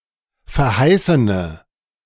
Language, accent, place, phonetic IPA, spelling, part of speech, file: German, Germany, Berlin, [fɛɐ̯ˈhaɪ̯sənə], verheißene, adjective, De-verheißene.ogg
- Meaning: inflection of verheißen: 1. strong/mixed nominative/accusative feminine singular 2. strong nominative/accusative plural 3. weak nominative all-gender singular